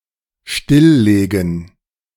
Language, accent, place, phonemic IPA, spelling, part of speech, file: German, Germany, Berlin, /ˈʃtɪlˌleːɡn̩/, stilllegen, verb, De-stilllegen.ogg
- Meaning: to put out of service, to shut down, to decommission